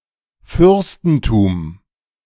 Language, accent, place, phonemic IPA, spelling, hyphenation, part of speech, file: German, Germany, Berlin, /ˈfʏʁstn̩ˌtuːm/, Fürstentum, Fürs‧ten‧tum, noun, De-Fürstentum.ogg
- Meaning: principality (region or sovereign nation headed by a prince)